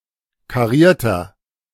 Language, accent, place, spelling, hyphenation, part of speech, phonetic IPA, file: German, Germany, Berlin, karierter, ka‧rier‧ter, adjective, [kaˈʁiːɐ̯tɐ], De-karierter.ogg
- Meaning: inflection of kariert: 1. strong/mixed nominative masculine singular 2. strong genitive/dative feminine singular 3. strong genitive plural